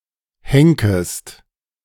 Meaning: second-person singular subjunctive I of henken
- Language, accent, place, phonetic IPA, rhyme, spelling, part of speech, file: German, Germany, Berlin, [ˈhɛŋkəst], -ɛŋkəst, henkest, verb, De-henkest.ogg